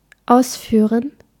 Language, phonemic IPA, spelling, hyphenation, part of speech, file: German, /ˈaʊ̯sˌfyːrən/, ausführen, aus‧füh‧ren, verb, De-ausführen.ogg
- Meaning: to take out, to take or lead outside: 1. to take (a pet, especially a dog) for a walk 2. to take (people, especially a woman) to a restaurant, on a date etc 3. to export (sell to another country)